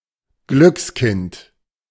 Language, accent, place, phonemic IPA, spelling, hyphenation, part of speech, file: German, Germany, Berlin, /ˈɡlʏksˌkɪnt/, Glückskind, Glücks‧kind, noun, De-Glückskind.ogg
- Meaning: lucky person